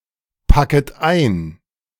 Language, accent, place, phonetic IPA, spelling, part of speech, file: German, Germany, Berlin, [ˌpakət ˈaɪ̯n], packet ein, verb, De-packet ein.ogg
- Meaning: second-person plural subjunctive I of einpacken